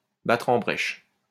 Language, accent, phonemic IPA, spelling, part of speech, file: French, France, /ba.tʁ‿ɑ̃ bʁɛʃ/, battre en brèche, verb, LL-Q150 (fra)-battre en brèche.wav
- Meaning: 1. to reduce to rubble, to give a pounding 2. to tackle (an urgent issue), to strike at the heart of (a problem)